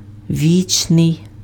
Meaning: 1. eternal, everlasting 2. perpetual
- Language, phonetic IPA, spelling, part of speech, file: Ukrainian, [ˈʋʲit͡ʃnei̯], вічний, adjective, Uk-вічний.ogg